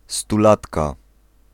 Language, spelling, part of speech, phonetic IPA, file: Polish, stulatka, noun, [stuˈlatka], Pl-stulatka.ogg